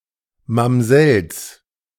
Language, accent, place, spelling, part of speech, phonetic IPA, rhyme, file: German, Germany, Berlin, Mamsells, noun, [mamˈzɛls], -ɛls, De-Mamsells.ogg
- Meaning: plural of Mamsell